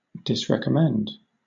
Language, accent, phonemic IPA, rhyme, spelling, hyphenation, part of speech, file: English, Southern England, /ˌdɪsɹɛkəˈmɛnd/, -ɛnd, disrecommend, dis‧rec‧om‧mend, verb, LL-Q1860 (eng)-disrecommend.wav
- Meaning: To recommend the opposite or negation of; to advise against